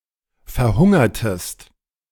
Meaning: inflection of verhungern: 1. second-person singular preterite 2. second-person singular subjunctive II
- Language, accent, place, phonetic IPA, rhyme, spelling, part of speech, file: German, Germany, Berlin, [fɛɐ̯ˈhʊŋɐtəst], -ʊŋɐtəst, verhungertest, verb, De-verhungertest.ogg